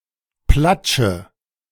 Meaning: inflection of platschen: 1. first-person singular present 2. singular imperative 3. first/third-person singular subjunctive I
- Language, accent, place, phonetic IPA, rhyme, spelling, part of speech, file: German, Germany, Berlin, [ˈplat͡ʃə], -at͡ʃə, platsche, verb, De-platsche.ogg